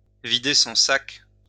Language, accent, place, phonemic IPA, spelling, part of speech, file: French, France, Lyon, /vi.de sɔ̃ sak/, vider son sac, verb, LL-Q150 (fra)-vider son sac.wav
- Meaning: to get something off one's chest, to pour one's heart out